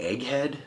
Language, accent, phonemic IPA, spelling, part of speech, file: English, US, /ˈɛɡˌhɛd/, egghead, noun, En-us-egghead.ogg
- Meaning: 1. A bald person, especially a man 2. A bald head 3. An intellectual, especially one who is insensitive, pedantic, or out of touch